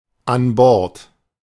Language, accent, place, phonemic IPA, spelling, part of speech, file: German, Germany, Berlin, /anˈbɔʁt/, an Bord, adverb, De-an Bord.ogg
- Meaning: aboard, on board